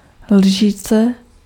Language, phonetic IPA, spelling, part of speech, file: Czech, [ˈlʒiːt͡sɛ], lžíce, noun, Cs-lžíce.ogg
- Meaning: spoon (table spoon)